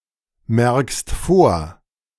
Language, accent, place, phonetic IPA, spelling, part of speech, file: German, Germany, Berlin, [ˌmɛʁkst ˈfoːɐ̯], merkst vor, verb, De-merkst vor.ogg
- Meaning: second-person singular present of vormerken